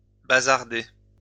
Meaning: 1. to sell or sell off 2. to chuck out
- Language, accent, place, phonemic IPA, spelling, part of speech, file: French, France, Lyon, /ba.zaʁ.de/, bazarder, verb, LL-Q150 (fra)-bazarder.wav